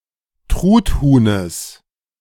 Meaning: genitive of Truthuhn
- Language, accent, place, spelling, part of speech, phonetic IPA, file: German, Germany, Berlin, Truthuhnes, noun, [ˈtʁutˌhuːnəs], De-Truthuhnes.ogg